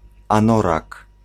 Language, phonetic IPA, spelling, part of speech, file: Polish, [ãˈnɔrak], anorak, noun, Pl-anorak.ogg